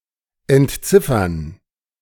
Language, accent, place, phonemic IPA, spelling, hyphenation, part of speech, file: German, Germany, Berlin, /ɛntˈt͡sɪfɐn/, entziffern, ent‧zif‧fern, verb, De-entziffern.ogg
- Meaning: 1. decipher 2. to make out, to read (handwriting, text in small print, etc.)